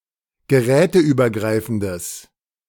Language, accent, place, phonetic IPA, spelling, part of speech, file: German, Germany, Berlin, [ɡəˈʁɛːtəʔyːbɐˌɡʁaɪ̯fn̩dəs], geräteübergreifendes, adjective, De-geräteübergreifendes.ogg
- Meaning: strong/mixed nominative/accusative neuter singular of geräteübergreifend